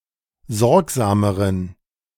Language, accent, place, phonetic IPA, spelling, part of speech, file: German, Germany, Berlin, [ˈzɔʁkzaːməʁən], sorgsameren, adjective, De-sorgsameren.ogg
- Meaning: inflection of sorgsam: 1. strong genitive masculine/neuter singular comparative degree 2. weak/mixed genitive/dative all-gender singular comparative degree